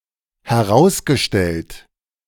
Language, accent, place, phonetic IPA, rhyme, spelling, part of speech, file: German, Germany, Berlin, [hɛˈʁaʊ̯sɡəˌʃtɛlt], -aʊ̯sɡəʃtɛlt, herausgestellt, verb, De-herausgestellt.ogg
- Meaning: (verb) past participle of herausstellen; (adjective) exposed